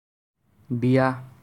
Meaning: marriage
- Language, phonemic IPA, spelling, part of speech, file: Assamese, /biɑ/, বিয়া, noun, As-বিয়া.ogg